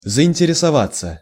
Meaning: 1. to become interested, to take an interest 2. passive of заинтересова́ть (zainteresovátʹ)
- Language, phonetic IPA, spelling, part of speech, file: Russian, [zəɪnʲtʲɪrʲɪsɐˈvat͡sːə], заинтересоваться, verb, Ru-заинтересоваться.ogg